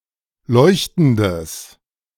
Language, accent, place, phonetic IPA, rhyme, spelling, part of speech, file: German, Germany, Berlin, [ˈlɔɪ̯çtn̩dəs], -ɔɪ̯çtn̩dəs, leuchtendes, adjective, De-leuchtendes.ogg
- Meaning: strong/mixed nominative/accusative neuter singular of leuchtend